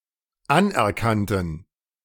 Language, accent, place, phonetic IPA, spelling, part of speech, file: German, Germany, Berlin, [ˈanʔɛɐ̯ˌkantn̩], anerkannten, adjective / verb, De-anerkannten.ogg
- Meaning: first/third-person plural dependent preterite of anerkennen